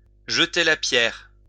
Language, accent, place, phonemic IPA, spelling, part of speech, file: French, France, Lyon, /ʒə.te la pjɛʁ/, jeter la pierre, verb, LL-Q150 (fra)-jeter la pierre.wav
- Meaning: to criticise, to blame, to accuse